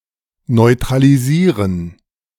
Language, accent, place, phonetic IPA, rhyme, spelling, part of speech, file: German, Germany, Berlin, [nɔɪ̯tʁaliˈziːʁən], -iːʁən, neutralisieren, verb, De-neutralisieren.ogg
- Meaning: to neutralize